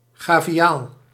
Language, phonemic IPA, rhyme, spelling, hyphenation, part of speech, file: Dutch, /ɣaː.viˈaːl/, -aːl, gaviaal, ga‧vi‧aal, noun, Nl-gaviaal.ogg
- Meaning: gharial (Gavialis gangeticus)